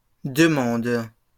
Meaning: second-person singular present indicative/subjunctive of demander
- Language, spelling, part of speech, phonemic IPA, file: French, demandes, verb, /də.mɑ̃d/, LL-Q150 (fra)-demandes.wav